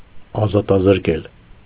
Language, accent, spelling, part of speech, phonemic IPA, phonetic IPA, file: Armenian, Eastern Armenian, ազատազրկել, verb, /ɑzɑtɑzəɾˈkel/, [ɑzɑtɑzəɾkél], Hy-ազատազրկել.ogg
- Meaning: to confine, deprive of liberty, imprison